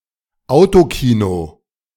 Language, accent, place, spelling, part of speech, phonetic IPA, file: German, Germany, Berlin, Autokino, noun, [ˈaʊ̯toˌkiːno], De-Autokino.ogg
- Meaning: drive-in theater